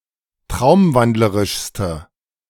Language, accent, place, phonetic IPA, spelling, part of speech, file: German, Germany, Berlin, [ˈtʁaʊ̯mˌvandləʁɪʃstə], traumwandlerischste, adjective, De-traumwandlerischste.ogg
- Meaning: inflection of traumwandlerisch: 1. strong/mixed nominative/accusative feminine singular superlative degree 2. strong nominative/accusative plural superlative degree